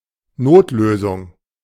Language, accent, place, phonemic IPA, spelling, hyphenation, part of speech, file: German, Germany, Berlin, /ˈnoːtløːzʊŋ/, Notlösung, Not‧lö‧sung, noun, De-Notlösung.ogg
- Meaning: emergency solution, stopgap solution